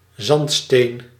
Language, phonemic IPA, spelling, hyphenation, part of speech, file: Dutch, /ˈzɑnt.steːn/, zandsteen, zand‧steen, noun, Nl-zandsteen.ogg
- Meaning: sandstone